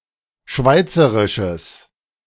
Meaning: strong/mixed nominative/accusative neuter singular of schweizerisch
- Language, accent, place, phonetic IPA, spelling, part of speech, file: German, Germany, Berlin, [ˈʃvaɪ̯t͡səʁɪʃəs], schweizerisches, adjective, De-schweizerisches.ogg